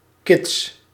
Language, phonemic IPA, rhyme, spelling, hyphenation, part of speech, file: Dutch, /kɪts/, -ɪts, kits, kits, noun / adjective, Nl-kits.ogg
- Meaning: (noun) ketch (small two-masted vessel); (adjective) in order, okay; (noun) plural of kit